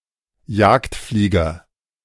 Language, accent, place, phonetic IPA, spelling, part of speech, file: German, Germany, Berlin, [ˈjaːktˌfliːɡɐ], Jagdflieger, noun, De-Jagdflieger.ogg
- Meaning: fighter pilot